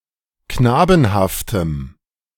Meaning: strong dative masculine/neuter singular of knabenhaft
- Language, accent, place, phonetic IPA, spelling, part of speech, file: German, Germany, Berlin, [ˈknaːbn̩haftəm], knabenhaftem, adjective, De-knabenhaftem.ogg